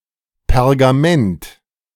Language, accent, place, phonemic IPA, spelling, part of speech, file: German, Germany, Berlin, /pɛʁɡaˈmɛnt/, Pergament, noun, De-Pergament.ogg
- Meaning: 1. parchment (material) 2. parchment (document made on such material)